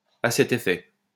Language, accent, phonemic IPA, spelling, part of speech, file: French, France, /a sɛ.t‿e.fɛ/, à cet effet, adverb, LL-Q150 (fra)-à cet effet.wav
- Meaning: to this end, to that end (therefore)